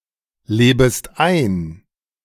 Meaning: second-person singular subjunctive I of einleben
- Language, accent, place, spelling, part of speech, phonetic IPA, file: German, Germany, Berlin, lebest ein, verb, [ˌleːbəst ˈaɪ̯n], De-lebest ein.ogg